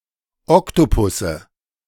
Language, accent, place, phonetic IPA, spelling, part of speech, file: German, Germany, Berlin, [ˈɔktopʊsə], Oktopusse, noun, De-Oktopusse.ogg
- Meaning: nominative/accusative/genitive plural of Oktopus